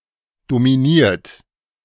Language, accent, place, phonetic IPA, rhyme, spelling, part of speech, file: German, Germany, Berlin, [domiˈniːɐ̯t], -iːɐ̯t, dominiert, adjective / verb, De-dominiert.ogg
- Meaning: 1. past participle of dominieren 2. inflection of dominieren: third-person singular present 3. inflection of dominieren: second-person plural present 4. inflection of dominieren: plural imperative